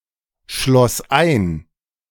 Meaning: first/third-person singular preterite of einschließen
- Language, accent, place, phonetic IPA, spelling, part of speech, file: German, Germany, Berlin, [ˌʃlɔs ˈaɪ̯n], schloss ein, verb, De-schloss ein.ogg